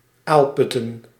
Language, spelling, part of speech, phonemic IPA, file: Dutch, aalputten, noun, /ˈalpʏtə(n)/, Nl-aalputten.ogg
- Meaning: plural of aalput